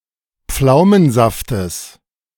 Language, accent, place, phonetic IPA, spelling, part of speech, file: German, Germany, Berlin, [ˈp͡flaʊ̯mənˌzaftəs], Pflaumensaftes, noun, De-Pflaumensaftes.ogg
- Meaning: genitive of Pflaumensaft